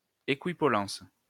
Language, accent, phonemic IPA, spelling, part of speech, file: French, France, /e.ki.pɔ.lɑ̃s/, équipollence, noun, LL-Q150 (fra)-équipollence.wav
- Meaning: equipollence (condition of having equal power or force)